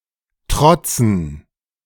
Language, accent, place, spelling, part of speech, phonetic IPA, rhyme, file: German, Germany, Berlin, trotzen, verb, [ˈtʁɔt͡sn̩], -ɔt͡sn̩, De-trotzen.ogg
- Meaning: to defy, to brave